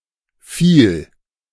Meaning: -philic
- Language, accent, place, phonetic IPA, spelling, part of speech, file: German, Germany, Berlin, [ˈfiːl], -phil, suffix, De--phil.ogg